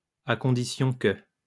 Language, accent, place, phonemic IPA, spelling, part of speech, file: French, France, Lyon, /a kɔ̃.di.sjɔ̃ kə/, à condition que, conjunction, LL-Q150 (fra)-à condition que.wav
- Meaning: provided that; on the condition that